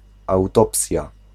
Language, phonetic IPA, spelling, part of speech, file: Polish, [awˈtɔpsʲja], autopsja, noun, Pl-autopsja.ogg